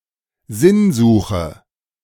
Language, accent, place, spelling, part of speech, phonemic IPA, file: German, Germany, Berlin, Sinnsuche, noun, /ˈzɪnzuːxə/, De-Sinnsuche.ogg
- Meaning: a search for meaning